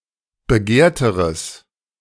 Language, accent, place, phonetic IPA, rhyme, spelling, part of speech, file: German, Germany, Berlin, [bəˈɡeːɐ̯təʁəs], -eːɐ̯təʁəs, begehrteres, adjective, De-begehrteres.ogg
- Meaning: strong/mixed nominative/accusative neuter singular comparative degree of begehrt